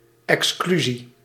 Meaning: exclusion
- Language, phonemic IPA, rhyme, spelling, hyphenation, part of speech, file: Dutch, /ˌɛksˈkly.zi/, -yzi, exclusie, ex‧clu‧sie, noun, Nl-exclusie.ogg